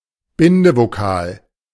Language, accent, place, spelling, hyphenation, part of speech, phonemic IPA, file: German, Germany, Berlin, Bindevokal, Bin‧de‧vo‧kal, noun, /ˈbɪndəvoˌkaːl/, De-Bindevokal.ogg
- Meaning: 1. vocalic interfix 2. thematic vowel